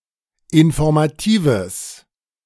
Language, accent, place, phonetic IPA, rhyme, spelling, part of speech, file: German, Germany, Berlin, [ɪnfɔʁmaˈtiːvəs], -iːvəs, informatives, adjective, De-informatives.ogg
- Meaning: strong/mixed nominative/accusative neuter singular of informativ